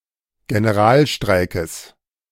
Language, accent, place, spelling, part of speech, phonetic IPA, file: German, Germany, Berlin, Generalstreikes, noun, [ɡenəˈʁaːlˌʃtʁaɪ̯kəs], De-Generalstreikes.ogg
- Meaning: genitive singular of Generalstreik